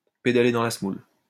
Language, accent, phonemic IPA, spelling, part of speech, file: French, France, /pe.da.le dɑ̃ la s(ə).mul/, pédaler dans la semoule, verb, LL-Q150 (fra)-pédaler dans la semoule.wav
- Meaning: alternative form of pédaler dans la choucroute